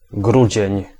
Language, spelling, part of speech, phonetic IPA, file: Polish, grudzień, noun, [ˈɡrud͡ʑɛ̇̃ɲ], Pl-grudzień.ogg